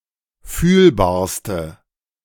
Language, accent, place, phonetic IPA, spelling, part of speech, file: German, Germany, Berlin, [ˈfyːlbaːɐ̯stə], fühlbarste, adjective, De-fühlbarste.ogg
- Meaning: inflection of fühlbar: 1. strong/mixed nominative/accusative feminine singular superlative degree 2. strong nominative/accusative plural superlative degree